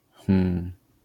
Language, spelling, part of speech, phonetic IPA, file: Polish, hmm, interjection, [xm̥m], LL-Q809 (pol)-hmm.wav